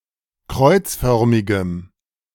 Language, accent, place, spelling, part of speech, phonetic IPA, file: German, Germany, Berlin, kreuzförmigem, adjective, [ˈkʁɔɪ̯t͡sˌfœʁmɪɡəm], De-kreuzförmigem.ogg
- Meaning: strong dative masculine/neuter singular of kreuzförmig